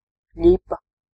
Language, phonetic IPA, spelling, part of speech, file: Latvian, [ˈʎipːa], ļipa, noun, Lv-ļipa.ogg
- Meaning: short tail, scut